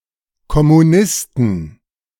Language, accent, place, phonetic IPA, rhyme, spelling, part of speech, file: German, Germany, Berlin, [kɔmuˈnɪstn̩], -ɪstn̩, Kommunisten, noun, De-Kommunisten.ogg
- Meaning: plural of Kommunist